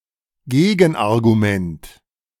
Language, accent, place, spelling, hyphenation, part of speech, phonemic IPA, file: German, Germany, Berlin, Gegenargument, Ge‧gen‧ar‧gu‧ment, noun, /ˈɡeːɡn̩ʔaʁɡuˌmɛnt/, De-Gegenargument.ogg
- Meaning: counterargument